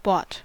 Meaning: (verb) simple past and past participle of buy; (adjective) Compromised by money from special interests; corrupt; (noun) A bend; flexure; curve; a hollow angle
- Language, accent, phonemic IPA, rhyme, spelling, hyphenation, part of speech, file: English, US, /ˈbɔt/, -ɔːt, bought, bought, verb / adjective / noun, En-us-bought.ogg